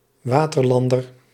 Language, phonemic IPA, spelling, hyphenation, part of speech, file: Dutch, /ˈʋaː.tərˌlɑn.dər/, waterlander, wa‧ter‧lan‧der, noun, Nl-waterlander.ogg
- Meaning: tear